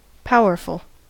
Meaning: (adjective) 1. Having, or capable of exerting, power or influence 2. Leading to many or important deductions 3. Large; capacious; said of veins of ore 4. Being a powerful number
- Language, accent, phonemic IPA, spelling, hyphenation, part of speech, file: English, US, /ˈpaʊɚfl̩/, powerful, pow‧er‧ful, adjective / adverb, En-us-powerful.ogg